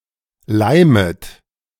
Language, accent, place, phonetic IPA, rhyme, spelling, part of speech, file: German, Germany, Berlin, [ˈlaɪ̯mət], -aɪ̯mət, leimet, verb, De-leimet.ogg
- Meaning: second-person plural subjunctive I of leimen